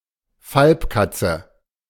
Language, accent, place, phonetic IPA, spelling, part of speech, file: German, Germany, Berlin, [ˈfalpkat͡sə], Falbkatze, noun, De-Falbkatze.ogg
- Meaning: African wildcat, desert cat (Felis silvestris lybica), a subspecies of the wildcat (Felis silvestris)